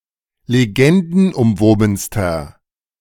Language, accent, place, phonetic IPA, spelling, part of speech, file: German, Germany, Berlin, [leˈɡɛndn̩ʔʊmˌvoːbn̩stɐ], legendenumwobenster, adjective, De-legendenumwobenster.ogg
- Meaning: inflection of legendenumwoben: 1. strong/mixed nominative masculine singular superlative degree 2. strong genitive/dative feminine singular superlative degree